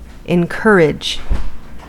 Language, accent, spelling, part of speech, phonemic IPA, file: English, US, encourage, verb, /ɪnˈkɝ.ɪd͡ʒ/, En-us-encourage.ogg
- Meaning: 1. To mentally support; to motivate, give courage, hope or spirit 2. To spur on, strongly recommend 3. To foster, give help or patronage